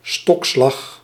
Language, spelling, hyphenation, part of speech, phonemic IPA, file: Dutch, stokslag, stok‧slag, noun, /ˈstɔk.slɑx/, Nl-stokslag.ogg
- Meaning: a cane stroke or hit with another type of stick, such as hickory or even a clubber